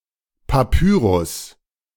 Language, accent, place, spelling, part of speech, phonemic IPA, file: German, Germany, Berlin, Papyrus, noun, /paˈpyːʁʊs/, De-Papyrus.ogg
- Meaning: 1. papyrus (a plant in the sedge family) 2. papyrus (a material similar to paper made from the papyrus plant) 3. papyrus (a scroll or document written on papyrus)